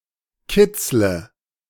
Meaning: inflection of kitzeln: 1. first-person singular present 2. singular imperative 3. first/third-person singular subjunctive I
- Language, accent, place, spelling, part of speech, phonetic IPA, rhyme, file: German, Germany, Berlin, kitzle, verb, [ˈkɪt͡slə], -ɪt͡slə, De-kitzle.ogg